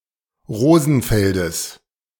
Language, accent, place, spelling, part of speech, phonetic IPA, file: German, Germany, Berlin, Rosenfeldes, noun, [ˈʁoːzn̩ˌfɛldəs], De-Rosenfeldes.ogg
- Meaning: genitive of Rosenfeld